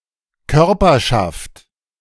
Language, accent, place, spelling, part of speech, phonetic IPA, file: German, Germany, Berlin, Körperschaft, noun, [ˈkœʁpɐʃaft], De-Körperschaft.ogg
- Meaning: corporation